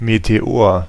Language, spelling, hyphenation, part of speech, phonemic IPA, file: German, Meteor, Me‧te‧or, noun, /meteˈoːɐ̯/, De-Meteor.ogg
- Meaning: meteor (streak of light caused by extraterrestrial matter entering the atmosphere)